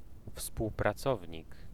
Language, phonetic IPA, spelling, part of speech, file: Polish, [ˌfspuwpraˈt͡sɔvʲɲik], współpracownik, noun, Pl-współpracownik.ogg